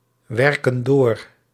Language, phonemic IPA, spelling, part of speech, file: Dutch, /ˈwɛrkə(n) ˈdor/, werken door, verb, Nl-werken door.ogg
- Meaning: inflection of doorwerken: 1. plural present indicative 2. plural present subjunctive